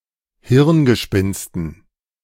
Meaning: dative plural of Hirngespinst
- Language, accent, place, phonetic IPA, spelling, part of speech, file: German, Germany, Berlin, [ˈhɪʁnɡəˌʃpɪnstn̩], Hirngespinsten, noun, De-Hirngespinsten.ogg